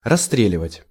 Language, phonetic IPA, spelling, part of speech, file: Russian, [rɐs(ː)ˈtrʲelʲɪvətʲ], расстреливать, verb, Ru-расстреливать.ogg
- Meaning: 1. to shoot, to execute (by shooting) 2. to expose to heavy (artillery or gun-) fire